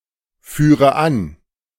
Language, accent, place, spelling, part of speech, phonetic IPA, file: German, Germany, Berlin, führe an, verb, [ˌfyːʁə ˈan], De-führe an.ogg
- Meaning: inflection of anführen: 1. first-person singular present 2. first/third-person singular subjunctive I 3. singular imperative